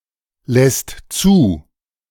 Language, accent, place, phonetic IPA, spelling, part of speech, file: German, Germany, Berlin, [ˌlɛst ˈt͡suː], lässt zu, verb, De-lässt zu.ogg
- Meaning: second/third-person singular present of zulassen